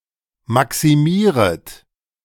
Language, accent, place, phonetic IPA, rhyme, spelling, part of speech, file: German, Germany, Berlin, [ˌmaksiˈmiːʁət], -iːʁət, maximieret, verb, De-maximieret.ogg
- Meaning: second-person plural subjunctive I of maximieren